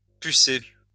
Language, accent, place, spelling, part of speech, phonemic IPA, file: French, France, Lyon, pucer, verb, /py.se/, LL-Q150 (fra)-pucer.wav
- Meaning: to chip (insert a chip under the skin)